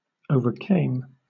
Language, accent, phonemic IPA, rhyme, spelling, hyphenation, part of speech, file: English, Southern England, /ˌəʊ.vəˈkeɪm/, -eɪm, overcame, o‧ver‧came, verb, LL-Q1860 (eng)-overcame.wav
- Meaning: 1. simple past of overcome 2. past participle of overcome